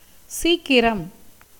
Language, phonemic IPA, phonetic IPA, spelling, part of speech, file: Tamil, /tʃiːkːɪɾɐm/, [siːkːɪɾɐm], சீக்கிரம், noun / adverb, Ta-சீக்கிரம்.ogg
- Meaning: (noun) haste, speed, quickness; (adverb) 1. soon, quickly 2. hurriedly, rapidly 3. earlier (than expected)